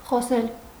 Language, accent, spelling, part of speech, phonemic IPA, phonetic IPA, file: Armenian, Eastern Armenian, խոսել, verb, /χoˈsel/, [χosél], Hy-խոսել.ogg
- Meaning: 1. to speak 2. to talk